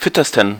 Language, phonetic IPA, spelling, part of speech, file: German, [ˈfɪtəstn̩], fittesten, adjective, De-fittesten.ogg
- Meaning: 1. superlative degree of fit 2. inflection of fit: strong genitive masculine/neuter singular superlative degree 3. inflection of fit: weak/mixed genitive/dative all-gender singular superlative degree